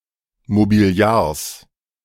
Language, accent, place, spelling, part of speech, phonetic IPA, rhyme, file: German, Germany, Berlin, Mobiliars, noun, [mobiˈli̯aːɐ̯s], -aːɐ̯s, De-Mobiliars.ogg
- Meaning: genitive singular of Mobiliar